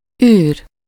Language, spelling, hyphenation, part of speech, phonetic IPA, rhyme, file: Hungarian, űr, űr, noun, [ˈyːr], -yːr, Hu-űr.ogg
- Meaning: 1. void, gap (empty space) 2. space, outer space (area beyond the atmosphere of planets that consists of a vacuum) 3. emptiness